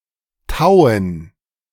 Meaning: 1. gerund of tauen 2. dative plural of Tau
- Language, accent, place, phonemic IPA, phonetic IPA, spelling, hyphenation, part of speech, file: German, Germany, Berlin, /ˈtaʊ̯ən/, [ˈtaʊ̯n̩], Tauen, Tau‧en, noun, De-Tauen.ogg